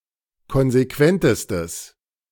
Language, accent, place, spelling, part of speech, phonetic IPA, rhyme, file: German, Germany, Berlin, konsequentestes, adjective, [ˌkɔnzeˈkvɛntəstəs], -ɛntəstəs, De-konsequentestes.ogg
- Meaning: strong/mixed nominative/accusative neuter singular superlative degree of konsequent